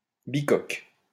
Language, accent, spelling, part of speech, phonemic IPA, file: French, France, bicoque, noun, /bi.kɔk/, LL-Q150 (fra)-bicoque.wav
- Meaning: 1. a small house; a cabin or shack 2. a twinhull